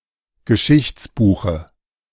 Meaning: dative singular of Geschichtsbuch
- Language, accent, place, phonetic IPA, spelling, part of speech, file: German, Germany, Berlin, [ɡəˈʃɪçt͡sˌbuːxə], Geschichtsbuche, noun, De-Geschichtsbuche.ogg